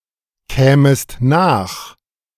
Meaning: second-person singular subjunctive II of nachkommen
- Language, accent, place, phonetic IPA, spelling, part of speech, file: German, Germany, Berlin, [ˌkɛːməst ˈnaːx], kämest nach, verb, De-kämest nach.ogg